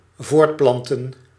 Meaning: 1. to procreate, to reproduce 2. to propagate
- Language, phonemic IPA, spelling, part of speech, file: Dutch, /ˈvortplɑntə(n)/, voortplanten, verb, Nl-voortplanten.ogg